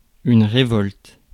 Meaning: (noun) rebellion, mutiny; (verb) inflection of révolter: 1. first/third-person singular present indicative/subjunctive 2. second-person singular imperative
- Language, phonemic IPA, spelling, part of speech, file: French, /ʁe.vɔlt/, révolte, noun / verb, Fr-révolte.ogg